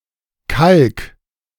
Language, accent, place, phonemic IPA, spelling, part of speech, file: German, Germany, Berlin, /ˈkalk/, kalk, verb, De-kalk.ogg
- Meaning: singular imperative of kalken